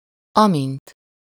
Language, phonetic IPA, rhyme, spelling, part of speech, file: Hungarian, [ˈɒmint], -int, amint, adverb, Hu-amint.ogg
- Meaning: 1. as 2. as soon as